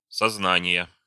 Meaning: inflection of созна́ние (soznánije): 1. genitive singular 2. nominative/accusative plural
- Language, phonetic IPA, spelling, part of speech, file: Russian, [sɐzˈnanʲɪjə], сознания, noun, Ru-сознания.ogg